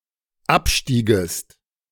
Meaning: second-person singular dependent subjunctive II of absteigen
- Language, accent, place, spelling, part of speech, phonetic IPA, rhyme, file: German, Germany, Berlin, abstiegest, verb, [ˈapˌʃtiːɡəst], -apʃtiːɡəst, De-abstiegest.ogg